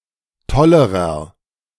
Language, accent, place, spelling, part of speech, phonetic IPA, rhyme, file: German, Germany, Berlin, tollerer, adjective, [ˈtɔləʁɐ], -ɔləʁɐ, De-tollerer.ogg
- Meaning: inflection of toll: 1. strong/mixed nominative masculine singular comparative degree 2. strong genitive/dative feminine singular comparative degree 3. strong genitive plural comparative degree